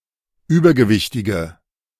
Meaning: inflection of übergewichtig: 1. strong/mixed nominative/accusative feminine singular 2. strong nominative/accusative plural 3. weak nominative all-gender singular
- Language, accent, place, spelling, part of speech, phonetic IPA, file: German, Germany, Berlin, übergewichtige, adjective, [ˈyːbɐɡəˌvɪçtɪɡə], De-übergewichtige.ogg